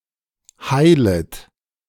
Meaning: second-person plural subjunctive I of heilen
- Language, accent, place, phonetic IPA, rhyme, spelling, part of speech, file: German, Germany, Berlin, [ˈhaɪ̯lət], -aɪ̯lət, heilet, verb, De-heilet.ogg